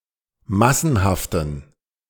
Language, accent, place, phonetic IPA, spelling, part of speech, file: German, Germany, Berlin, [ˈmasn̩haftn̩], massenhaften, adjective, De-massenhaften.ogg
- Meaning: inflection of massenhaft: 1. strong genitive masculine/neuter singular 2. weak/mixed genitive/dative all-gender singular 3. strong/weak/mixed accusative masculine singular 4. strong dative plural